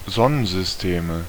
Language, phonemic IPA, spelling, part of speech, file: German, /ˈzɔnənzʏsˈteːmə/, Sonnensysteme, noun, De-Sonnensysteme.ogg
- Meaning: nominative/accusative/genitive plural of Sonnensystem